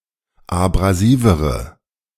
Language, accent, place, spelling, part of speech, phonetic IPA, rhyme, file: German, Germany, Berlin, abrasivere, adjective, [abʁaˈziːvəʁə], -iːvəʁə, De-abrasivere.ogg
- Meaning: inflection of abrasiv: 1. strong/mixed nominative/accusative feminine singular comparative degree 2. strong nominative/accusative plural comparative degree